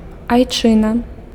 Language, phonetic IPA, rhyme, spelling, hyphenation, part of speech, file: Belarusian, [ajˈt͡ʂɨna], -ɨna, айчына, ай‧чы‧на, noun, Be-айчына.ogg
- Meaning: fatherland, homeland